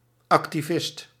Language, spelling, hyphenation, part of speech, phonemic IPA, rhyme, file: Dutch, activist, ac‧ti‧vist, noun, /ˌɑk.tiˈvɪst/, -ɪst, Nl-activist.ogg
- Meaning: 1. an activist 2. a Flemish nationalist who cooperated with the occupying German Empire during the First World War